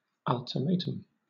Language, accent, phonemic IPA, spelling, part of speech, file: English, Southern England, /ˌʌl.tɪˈmeɪ.təm/, ultimatum, noun, LL-Q1860 (eng)-ultimatum.wav
- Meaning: A final statement of terms or conditions made by one party to another, especially one that expresses a threat of reprisal or war if the terms are not met before some specified date and time